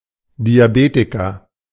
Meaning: diabetic
- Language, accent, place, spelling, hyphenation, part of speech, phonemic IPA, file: German, Germany, Berlin, Diabetiker, Di‧a‧be‧ti‧ker, noun, /diaˈbeːtɪkɐ/, De-Diabetiker.ogg